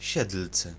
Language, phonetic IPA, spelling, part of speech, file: Polish, [ˈɕɛtl̥t͡sɛ], Siedlce, proper noun, Pl-Siedlce.ogg